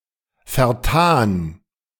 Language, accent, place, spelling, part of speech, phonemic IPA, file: German, Germany, Berlin, vertan, verb / adjective, /fɛʁˈtaːn/, De-vertan.ogg
- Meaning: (verb) past participle of vertun; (adjective) wasted (not profitably used)